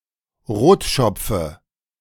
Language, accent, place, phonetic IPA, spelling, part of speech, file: German, Germany, Berlin, [ˈʁoːtˌʃɔp͡fə], Rotschopfe, noun, De-Rotschopfe.ogg
- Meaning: dative of Rotschopf